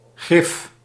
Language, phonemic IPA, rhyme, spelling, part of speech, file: Dutch, /ɣrɪf/, -ɪf, grif, adjective, Nl-grif.ogg
- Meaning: 1. prompt, without hesitation, ready 2. eager